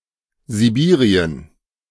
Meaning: Siberia (the region of Russia in Asia)
- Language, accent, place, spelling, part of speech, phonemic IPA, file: German, Germany, Berlin, Sibirien, proper noun, /ziˈbiːʁiən/, De-Sibirien.ogg